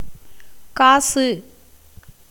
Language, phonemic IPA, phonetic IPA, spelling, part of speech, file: Tamil, /kɑːtʃɯ/, [käːsɯ], காசு, noun, Ta-காசு.ogg
- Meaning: 1. money, coin, cash 2. a small copper coin 3. gem, crystal bead 4. gold